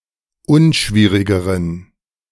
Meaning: inflection of unschwierig: 1. strong genitive masculine/neuter singular comparative degree 2. weak/mixed genitive/dative all-gender singular comparative degree
- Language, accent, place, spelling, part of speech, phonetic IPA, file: German, Germany, Berlin, unschwierigeren, adjective, [ˈʊnˌʃviːʁɪɡəʁən], De-unschwierigeren.ogg